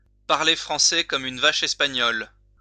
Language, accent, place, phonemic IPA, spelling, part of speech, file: French, France, Lyon, /paʁ.le fʁɑ̃.sɛ kɔ.m‿yn va.ʃ‿ɛs.pa.ɲɔl/, parler français comme une vache espagnole, verb, LL-Q150 (fra)-parler français comme une vache espagnole.wav
- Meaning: to speak French poorly